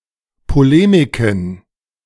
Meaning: plural of Polemik
- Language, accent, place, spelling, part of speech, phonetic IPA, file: German, Germany, Berlin, Polemiken, noun, [poˈleːmɪkn̩], De-Polemiken.ogg